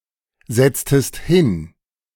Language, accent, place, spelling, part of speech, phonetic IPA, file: German, Germany, Berlin, setztest hin, verb, [ˌzɛt͡stəst ˈhɪn], De-setztest hin.ogg
- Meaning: inflection of hinsetzen: 1. second-person singular preterite 2. second-person singular subjunctive II